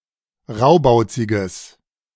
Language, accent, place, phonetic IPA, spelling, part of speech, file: German, Germany, Berlin, [ˈʁaʊ̯baʊ̯t͡sɪɡəs], raubauziges, adjective, De-raubauziges.ogg
- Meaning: strong/mixed nominative/accusative neuter singular of raubauzig